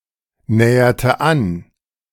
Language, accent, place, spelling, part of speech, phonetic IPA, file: German, Germany, Berlin, näherte an, verb, [ˌnɛːɐtə ˈan], De-näherte an.ogg
- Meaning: inflection of annähern: 1. first/third-person singular preterite 2. first/third-person singular subjunctive II